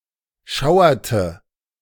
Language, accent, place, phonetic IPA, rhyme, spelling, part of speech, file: German, Germany, Berlin, [ˈʃaʊ̯ɐtə], -aʊ̯ɐtə, schauerte, verb, De-schauerte.ogg
- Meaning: inflection of schauern: 1. first/third-person singular preterite 2. first/third-person singular subjunctive II